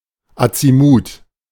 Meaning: azimuth
- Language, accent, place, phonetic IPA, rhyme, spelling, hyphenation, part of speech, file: German, Germany, Berlin, [a.t͡si.ˈmuːt], -uːt, Azimut, Azi‧mut, noun, De-Azimut.ogg